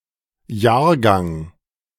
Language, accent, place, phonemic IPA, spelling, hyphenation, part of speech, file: German, Germany, Berlin, /ˈjaːɐ̯ˌɡaŋ/, Jahrgang, Jahr‧gang, noun, De-Jahrgang.ogg
- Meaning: 1. vintage (wine identified by year and vineyard) 2. vintage, year (all of a kind that were born or produced in the same year, or who are in the same year of a multi-annual programme, e.g. school)